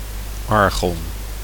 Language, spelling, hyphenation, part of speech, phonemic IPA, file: Dutch, argon, ar‧gon, noun, /ˈɑr.ɣɔn/, Nl-argon.ogg
- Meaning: argon